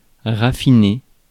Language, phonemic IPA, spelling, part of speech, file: French, /ʁa.fi.ne/, raffiner, verb, Fr-raffiner.ogg
- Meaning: 1. to refine 2. to rarefy